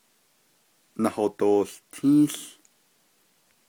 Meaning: third-person future of nahałtin
- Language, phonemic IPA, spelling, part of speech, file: Navajo, /nɑ̀hòtòːɬtʰĩ́ːɬ/, nahodoołtį́į́ł, verb, Nv-nahodoołtį́į́ł.ogg